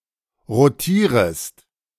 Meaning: second-person singular subjunctive I of rotieren
- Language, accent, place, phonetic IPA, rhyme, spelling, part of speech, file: German, Germany, Berlin, [ʁoˈtiːʁəst], -iːʁəst, rotierest, verb, De-rotierest.ogg